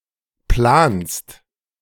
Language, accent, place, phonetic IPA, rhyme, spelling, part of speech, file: German, Germany, Berlin, [plaːnst], -aːnst, planst, verb, De-planst.ogg
- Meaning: second-person singular present of planen